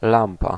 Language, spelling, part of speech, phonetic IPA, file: Polish, lampa, noun, [ˈlãmpa], Pl-lampa.ogg